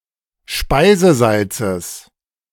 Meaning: genitive singular of Speisesalz
- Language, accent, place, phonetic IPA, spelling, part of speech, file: German, Germany, Berlin, [ˈʃpaɪ̯zəˌzalt͡səs], Speisesalzes, noun, De-Speisesalzes.ogg